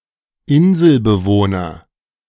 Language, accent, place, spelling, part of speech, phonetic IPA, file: German, Germany, Berlin, Inselbewohner, noun, [ˈɪnzl̩bəˌvoːnɐ], De-Inselbewohner.ogg
- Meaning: islander (male or of unspecified gender)